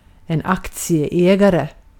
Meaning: a stockholder, a shareholder
- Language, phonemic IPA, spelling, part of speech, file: Swedish, /ˌakːtsɪɛˈɛːɡarɛ/, aktieägare, noun, Sv-aktieägare.ogg